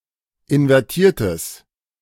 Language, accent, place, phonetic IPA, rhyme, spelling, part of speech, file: German, Germany, Berlin, [ɪnvɛʁˈtiːɐ̯təs], -iːɐ̯təs, invertiertes, adjective, De-invertiertes.ogg
- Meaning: strong/mixed nominative/accusative neuter singular of invertiert